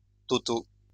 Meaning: masculine plural of total
- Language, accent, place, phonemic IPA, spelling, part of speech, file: French, France, Lyon, /tɔ.to/, totaux, adjective, LL-Q150 (fra)-totaux.wav